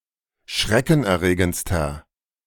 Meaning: inflection of schreckenerregend: 1. strong/mixed nominative masculine singular superlative degree 2. strong genitive/dative feminine singular superlative degree
- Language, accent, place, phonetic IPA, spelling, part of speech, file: German, Germany, Berlin, [ˈʃʁɛkn̩ʔɛɐ̯ˌʁeːɡənt͡stɐ], schreckenerregendster, adjective, De-schreckenerregendster.ogg